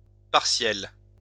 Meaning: masculine plural of partiel
- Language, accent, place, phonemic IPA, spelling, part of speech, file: French, France, Lyon, /paʁ.sjɛl/, partiels, adjective, LL-Q150 (fra)-partiels.wav